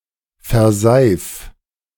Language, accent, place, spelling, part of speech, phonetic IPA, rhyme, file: German, Germany, Berlin, verseif, verb, [fɛɐ̯ˈzaɪ̯f], -aɪ̯f, De-verseif.ogg
- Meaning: 1. singular imperative of verseifen 2. first-person singular present of verseifen